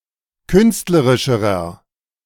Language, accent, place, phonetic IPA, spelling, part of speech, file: German, Germany, Berlin, [ˈkʏnstləʁɪʃəʁɐ], künstlerischerer, adjective, De-künstlerischerer.ogg
- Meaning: inflection of künstlerisch: 1. strong/mixed nominative masculine singular comparative degree 2. strong genitive/dative feminine singular comparative degree 3. strong genitive plural comparative degree